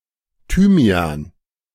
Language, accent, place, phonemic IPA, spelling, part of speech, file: German, Germany, Berlin, /ˈtyːmi̯a(ː)n/, Thymian, noun, De-Thymian.ogg
- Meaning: thyme